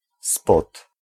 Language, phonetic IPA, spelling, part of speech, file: Polish, [spɔt], spod, preposition, Pl-spod.ogg